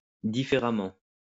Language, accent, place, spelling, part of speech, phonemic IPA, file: French, France, Lyon, différemment, adverb, /di.fe.ʁa.mɑ̃/, LL-Q150 (fra)-différemment.wav
- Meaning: differently